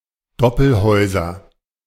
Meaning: nominative/accusative/genitive plural of Doppelhaus
- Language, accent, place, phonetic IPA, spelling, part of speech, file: German, Germany, Berlin, [ˈdɔpl̩ˌhɔɪ̯zɐ], Doppelhäuser, noun, De-Doppelhäuser.ogg